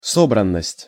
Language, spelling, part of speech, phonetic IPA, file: Russian, собранность, noun, [ˈsobrən(ː)əsʲtʲ], Ru-собранность.ogg
- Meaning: discipline, self-discipline, focus, organization